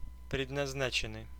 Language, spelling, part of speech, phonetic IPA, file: Russian, предназначенный, verb / adjective, [prʲɪdnɐzˈnat͡ɕɪn(ː)ɨj], Ru-предназначенный.ogg
- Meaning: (verb) past passive perfective participle of предназна́чить (prednaznáčitʹ); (adjective) meant (for, to be), intended (for, to be)